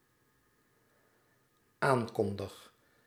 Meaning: first-person singular dependent-clause present indicative of aankondigen
- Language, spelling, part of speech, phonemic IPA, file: Dutch, aankondig, verb, /ˈaŋkɔndəx/, Nl-aankondig.ogg